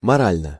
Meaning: 1. morally (in a moral manner) 2. psychologically, mentally, emotionally
- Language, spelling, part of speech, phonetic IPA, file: Russian, морально, adverb, [mɐˈralʲnə], Ru-морально.ogg